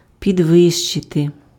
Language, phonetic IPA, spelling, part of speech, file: Ukrainian, [pʲidˈʋɪʃt͡ʃete], підвищити, verb, Uk-підвищити.ogg
- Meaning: 1. to raise (make higher, elevate) 2. to heighten 3. to raise, to increase 4. to promote, to elevate (raise to a higher rank)